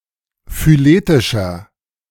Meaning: inflection of phyletisch: 1. strong/mixed nominative masculine singular 2. strong genitive/dative feminine singular 3. strong genitive plural
- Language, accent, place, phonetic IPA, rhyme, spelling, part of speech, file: German, Germany, Berlin, [fyˈleːtɪʃɐ], -eːtɪʃɐ, phyletischer, adjective, De-phyletischer.ogg